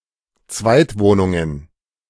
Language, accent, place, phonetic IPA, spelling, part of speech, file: German, Germany, Berlin, [ˈt͡svaɪ̯tˌvoːnʊŋən], Zweitwohnungen, noun, De-Zweitwohnungen.ogg
- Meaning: plural of Zweitwohnung